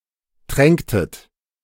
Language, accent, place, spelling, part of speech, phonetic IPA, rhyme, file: German, Germany, Berlin, tränktet, verb, [ˈtʁɛŋktət], -ɛŋktət, De-tränktet.ogg
- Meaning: inflection of tränken: 1. second-person plural preterite 2. second-person plural subjunctive II